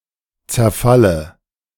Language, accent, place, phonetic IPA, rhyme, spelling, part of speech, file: German, Germany, Berlin, [t͡sɛɐ̯ˈfalə], -alə, zerfalle, verb, De-zerfalle.ogg
- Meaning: inflection of zerfallen: 1. first-person singular present 2. first/third-person singular subjunctive I 3. singular imperative